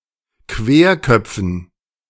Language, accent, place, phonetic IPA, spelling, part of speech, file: German, Germany, Berlin, [ˈkveːɐ̯ˌkœp͡fn̩], Querköpfen, noun, De-Querköpfen.ogg
- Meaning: dative plural of Querkopf